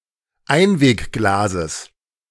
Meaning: genitive singular of Einwegglas
- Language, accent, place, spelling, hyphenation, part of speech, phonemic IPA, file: German, Germany, Berlin, Einwegglases, Ein‧weg‧gla‧ses, noun, /ˈaɪ̯nveːkˌɡlaːzəs/, De-Einwegglases.ogg